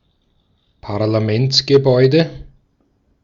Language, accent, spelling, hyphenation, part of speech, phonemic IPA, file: German, Austria, Parlamentsgebäude, Par‧la‧ments‧ge‧bäu‧de, noun, /paʁlaˈmɛnt͡sɡəˌbɔɪ̯də/, De-at-Parlamentsgebäude.ogg
- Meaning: legislative building, Parliament House